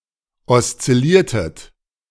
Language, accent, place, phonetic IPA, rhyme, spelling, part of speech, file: German, Germany, Berlin, [ɔst͡sɪˈliːɐ̯tət], -iːɐ̯tət, oszilliertet, verb, De-oszilliertet.ogg
- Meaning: inflection of oszillieren: 1. second-person plural preterite 2. second-person plural subjunctive II